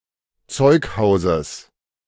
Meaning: genitive of Zeughaus
- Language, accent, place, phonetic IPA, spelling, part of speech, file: German, Germany, Berlin, [ˈt͡sɔɪ̯kˌhaʊ̯zəs], Zeughauses, noun, De-Zeughauses.ogg